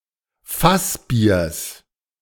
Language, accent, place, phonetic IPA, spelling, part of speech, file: German, Germany, Berlin, [ˈfasˌbiːɐ̯s], Fassbiers, noun, De-Fassbiers.ogg
- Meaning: genitive singular of Fassbier